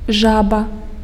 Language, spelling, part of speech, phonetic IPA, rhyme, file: Belarusian, жаба, noun, [ˈʐaba], -aba, Be-жаба.ogg
- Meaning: frog